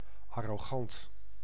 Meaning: arrogant
- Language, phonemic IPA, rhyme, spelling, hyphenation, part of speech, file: Dutch, /ˌɑ.roːˈɣɑnt/, -ɑnt, arrogant, ar‧ro‧gant, adjective, Nl-arrogant.ogg